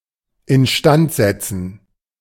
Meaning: to repair
- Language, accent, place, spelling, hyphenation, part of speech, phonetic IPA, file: German, Germany, Berlin, instand setzen, in‧stand set‧zen, verb, [ɪnˈʃtant ˌzɛtsn̩], De-instand setzen.ogg